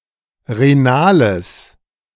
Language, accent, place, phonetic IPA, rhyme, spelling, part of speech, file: German, Germany, Berlin, [ʁeˈnaːləs], -aːləs, renales, adjective, De-renales.ogg
- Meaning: strong/mixed nominative/accusative neuter singular of renal